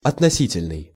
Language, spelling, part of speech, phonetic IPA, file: Russian, относительный, adjective, [ɐtnɐˈsʲitʲɪlʲnɨj], Ru-относительный.ogg
- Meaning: 1. relative 2. relative (as in relative clause) 3. comparative